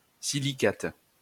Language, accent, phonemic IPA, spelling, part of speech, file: French, France, /si.li.kat/, silicate, noun, LL-Q150 (fra)-silicate.wav
- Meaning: silicate